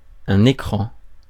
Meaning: screen
- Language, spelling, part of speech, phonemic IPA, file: French, écran, noun, /e.kʁɑ̃/, Fr-écran.ogg